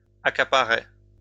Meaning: third-person singular imperfect indicative of accaparer
- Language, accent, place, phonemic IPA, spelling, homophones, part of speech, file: French, France, Lyon, /a.ka.pa.ʁɛ/, accaparait, accaparaient / accaparais, verb, LL-Q150 (fra)-accaparait.wav